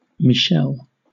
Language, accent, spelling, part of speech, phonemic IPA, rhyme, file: English, Southern England, Michelle, proper noun, /mɪˈʃɛl/, -ɛl, LL-Q1860 (eng)-Michelle.wav
- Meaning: A female given name from Hebrew, popular from the 1960s to the 1990s